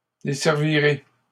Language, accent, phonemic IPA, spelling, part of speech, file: French, Canada, /de.sɛʁ.vi.ʁe/, desservirez, verb, LL-Q150 (fra)-desservirez.wav
- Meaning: second-person plural simple future of desservir